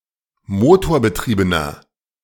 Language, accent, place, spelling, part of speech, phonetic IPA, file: German, Germany, Berlin, motorbetriebener, adjective, [ˈmoːtoːɐ̯bəˌtʁiːbənɐ], De-motorbetriebener.ogg
- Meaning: inflection of motorbetrieben: 1. strong/mixed nominative masculine singular 2. strong genitive/dative feminine singular 3. strong genitive plural